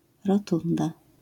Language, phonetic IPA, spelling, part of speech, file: Polish, [rɔˈtũnda], rotunda, noun, LL-Q809 (pol)-rotunda.wav